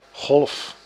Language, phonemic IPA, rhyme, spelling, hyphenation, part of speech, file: Dutch, /ɣɔlf/, -ɔlf, golf, golf, noun / verb, Nl-golf.ogg
- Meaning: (noun) 1. wave 2. gulf; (verb) inflection of golven: 1. first-person singular present indicative 2. second-person singular present indicative 3. imperative; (noun) golf